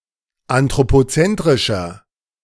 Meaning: 1. comparative degree of anthropozentrisch 2. inflection of anthropozentrisch: strong/mixed nominative masculine singular 3. inflection of anthropozentrisch: strong genitive/dative feminine singular
- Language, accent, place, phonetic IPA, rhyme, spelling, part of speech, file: German, Germany, Berlin, [antʁopoˈt͡sɛntʁɪʃɐ], -ɛntʁɪʃɐ, anthropozentrischer, adjective, De-anthropozentrischer.ogg